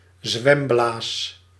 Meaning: swim bladder
- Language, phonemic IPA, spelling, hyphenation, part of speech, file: Dutch, /ˈzʋɛm.blaːs/, zwemblaas, zwem‧blaas, noun, Nl-zwemblaas.ogg